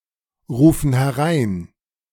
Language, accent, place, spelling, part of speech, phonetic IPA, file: German, Germany, Berlin, rufen herein, verb, [ˌʁuːfn̩ hɛˈʁaɪ̯n], De-rufen herein.ogg
- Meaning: inflection of hereinrufen: 1. first/third-person plural present 2. first/third-person plural subjunctive I